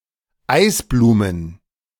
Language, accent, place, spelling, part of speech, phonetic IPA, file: German, Germany, Berlin, Eisblumen, noun, [ˈaɪ̯sˌbluːmən], De-Eisblumen.ogg
- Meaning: plural of Eisblume